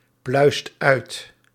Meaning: inflection of uitpluizen: 1. second/third-person singular present indicative 2. plural imperative
- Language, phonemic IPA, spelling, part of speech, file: Dutch, /ˈplœyst ˈœyt/, pluist uit, verb, Nl-pluist uit.ogg